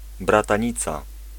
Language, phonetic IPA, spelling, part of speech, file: Polish, [ˌbratãˈɲit͡sa], bratanica, noun, Pl-bratanica.ogg